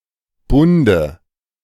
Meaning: dative singular of Bund
- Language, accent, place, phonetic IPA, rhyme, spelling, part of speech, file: German, Germany, Berlin, [ˈbʊndə], -ʊndə, Bunde, noun, De-Bunde.ogg